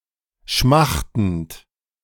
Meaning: present participle of schmachten
- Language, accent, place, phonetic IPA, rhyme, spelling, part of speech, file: German, Germany, Berlin, [ˈʃmaxtn̩t], -axtn̩t, schmachtend, verb, De-schmachtend.ogg